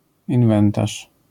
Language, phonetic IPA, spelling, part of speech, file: Polish, [ĩnˈvɛ̃ntaʃ], inwentarz, noun, LL-Q809 (pol)-inwentarz.wav